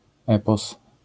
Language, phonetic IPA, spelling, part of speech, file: Polish, [ˈɛpɔs], epos, noun, LL-Q809 (pol)-epos.wav